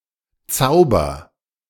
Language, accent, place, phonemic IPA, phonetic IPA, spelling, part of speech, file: German, Germany, Berlin, /ˈtsaʊ̯bər/, [ˈt͡saʊ̯.bɐ], Zauber, noun, De-Zauber.ogg
- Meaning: 1. charm, spell, an instance of magic action 2. magic 3. charm, allure, enchantment 4. ado, fuss